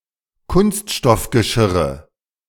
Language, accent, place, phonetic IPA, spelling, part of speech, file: German, Germany, Berlin, [ˈkʊnstʃtɔfɡəˌʃɪʁə], Kunststoffgeschirre, noun, De-Kunststoffgeschirre.ogg
- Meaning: nominative/accusative/genitive plural of Kunststoffgeschirr